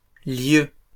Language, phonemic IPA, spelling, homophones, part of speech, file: French, /ljø/, lieux, lieu / lieue / lieus / lieues, noun, LL-Q150 (fra)-lieux.wav
- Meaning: plural of lieu